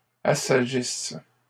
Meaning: inflection of assagir: 1. first/third-person singular present subjunctive 2. first-person singular imperfect subjunctive
- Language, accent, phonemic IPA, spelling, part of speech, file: French, Canada, /a.sa.ʒis/, assagisse, verb, LL-Q150 (fra)-assagisse.wav